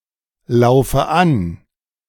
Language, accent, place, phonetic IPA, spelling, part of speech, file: German, Germany, Berlin, [ˌlaʊ̯fə ˈan], laufe an, verb, De-laufe an.ogg
- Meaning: inflection of anlaufen: 1. first-person singular present 2. first/third-person singular subjunctive I 3. singular imperative